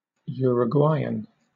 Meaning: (noun) A person from Uruguay or of Uruguayan descent; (adjective) Of, from, or pertaining to Uruguay, the Uruguayan people or the Uruguayan language
- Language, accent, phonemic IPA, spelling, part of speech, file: English, Southern England, /ˌjʊəɹəˈɡwaɪən/, Uruguayan, noun / adjective, LL-Q1860 (eng)-Uruguayan.wav